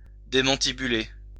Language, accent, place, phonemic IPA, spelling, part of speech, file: French, France, Lyon, /de.mɑ̃.ti.by.le/, démantibuler, verb, LL-Q150 (fra)-démantibuler.wav
- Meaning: to smash to smithereens